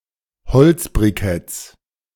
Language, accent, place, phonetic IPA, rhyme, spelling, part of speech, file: German, Germany, Berlin, [bəˈt͡sɪfʁə], -ɪfʁə, beziffre, verb, De-beziffre.ogg
- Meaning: inflection of beziffern: 1. first-person singular present 2. first/third-person singular subjunctive I 3. singular imperative